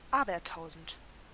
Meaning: thousandfold
- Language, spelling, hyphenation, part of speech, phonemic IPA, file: German, abertausend, a‧ber‧tau‧send, adjective, /ˈaːbɐˌtaʊ̯zn̩t/, De-abertausend.ogg